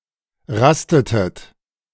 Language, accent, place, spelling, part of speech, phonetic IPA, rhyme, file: German, Germany, Berlin, rastetet, verb, [ˈʁastətət], -astətət, De-rastetet.ogg
- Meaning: inflection of rasten: 1. second-person plural preterite 2. second-person plural subjunctive II